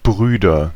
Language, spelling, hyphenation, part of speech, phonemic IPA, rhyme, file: German, Brüder, Brü‧der, noun, /ˈbʁyːdɐ/, -yːdɐ, De-Brüder.ogg
- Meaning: 1. nominative/accusative/genitive plural of Bruder 2. brethren